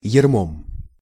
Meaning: instrumental singular of ярмо́ (jarmó)
- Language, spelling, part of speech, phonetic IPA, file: Russian, ярмом, noun, [(j)ɪrˈmom], Ru-ярмом.ogg